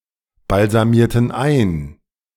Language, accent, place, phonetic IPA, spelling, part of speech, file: German, Germany, Berlin, [balzaˌmiːɐ̯tn̩ ˈaɪ̯n], balsamierten ein, verb, De-balsamierten ein.ogg
- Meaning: inflection of einbalsamieren: 1. first/third-person plural preterite 2. first/third-person plural subjunctive II